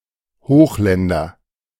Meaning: nominative/accusative/genitive plural of Hochland
- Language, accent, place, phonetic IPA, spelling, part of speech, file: German, Germany, Berlin, [ˈhoːxˌlɛndɐ], Hochländer, noun, De-Hochländer.ogg